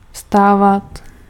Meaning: imperfective form of vstát
- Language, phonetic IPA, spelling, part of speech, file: Czech, [ˈfstaːvat], vstávat, verb, Cs-vstávat.ogg